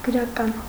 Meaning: literary
- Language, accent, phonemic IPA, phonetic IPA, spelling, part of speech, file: Armenian, Eastern Armenian, /ɡəɾɑˈkɑn/, [ɡəɾɑkɑ́n], գրական, adjective, Hy-գրական.ogg